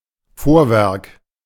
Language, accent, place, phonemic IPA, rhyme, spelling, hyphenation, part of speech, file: German, Germany, Berlin, /ˈfoːɐ̯ˌvɛʁk/, -ɛʁk, Vorwerk, Vor‧werk, noun, De-Vorwerk.ogg
- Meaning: outwork of a castle